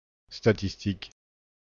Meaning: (noun) 1. statistic 2. statistics; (adjective) statistical
- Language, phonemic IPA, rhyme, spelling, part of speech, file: French, /sta.tis.tik/, -ik, statistique, noun / adjective, FR-statistique.ogg